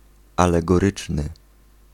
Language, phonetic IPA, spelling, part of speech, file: Polish, [ˌalɛɡɔˈrɨt͡ʃnɨ], alegoryczny, adjective, Pl-alegoryczny.ogg